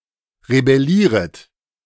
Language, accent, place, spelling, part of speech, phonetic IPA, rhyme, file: German, Germany, Berlin, rebellieret, verb, [ʁebɛˈliːʁət], -iːʁət, De-rebellieret.ogg
- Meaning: second-person plural subjunctive I of rebellieren